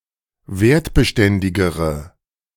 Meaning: inflection of wertbeständig: 1. strong/mixed nominative/accusative feminine singular comparative degree 2. strong nominative/accusative plural comparative degree
- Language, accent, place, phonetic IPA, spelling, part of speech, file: German, Germany, Berlin, [ˈveːɐ̯tbəˌʃtɛndɪɡəʁə], wertbeständigere, adjective, De-wertbeständigere.ogg